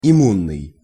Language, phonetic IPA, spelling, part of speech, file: Russian, [ɪˈmunːɨj], иммунный, adjective, Ru-иммунный.ogg
- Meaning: immune